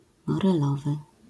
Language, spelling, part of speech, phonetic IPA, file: Polish, morelowy, adjective, [ˌmɔrɛˈlɔvɨ], LL-Q809 (pol)-morelowy.wav